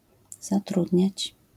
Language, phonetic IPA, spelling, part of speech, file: Polish, [zaˈtrudʲɲät͡ɕ], zatrudniać, verb, LL-Q809 (pol)-zatrudniać.wav